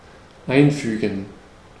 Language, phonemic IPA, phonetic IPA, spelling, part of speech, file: German, /ˈaɪ̯nˌfyːɡən/, [ˈʔaɪ̯nˌfyːɡŋ̍], einfügen, verb, De-einfügen.ogg
- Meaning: to insert; put in the middle; put in between